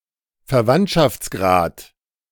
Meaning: degree of kinship
- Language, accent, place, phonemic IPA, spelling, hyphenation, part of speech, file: German, Germany, Berlin, /fɛɐ̯ˈvantʃaft͡sˌɡʁaːt/, Verwandtschaftsgrad, Ver‧wandt‧schafts‧grad, noun, De-Verwandtschaftsgrad.ogg